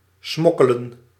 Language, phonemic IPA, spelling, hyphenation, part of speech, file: Dutch, /ˈsmɔ.kə.lə(n)/, smokkelen, smok‧ke‧len, verb, Nl-smokkelen.ogg
- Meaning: 1. to smuggle, to transport contraband 2. to cut corners, to use a shortcut